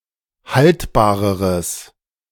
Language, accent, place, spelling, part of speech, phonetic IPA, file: German, Germany, Berlin, haltbareres, adjective, [ˈhaltbaːʁəʁəs], De-haltbareres.ogg
- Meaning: strong/mixed nominative/accusative neuter singular comparative degree of haltbar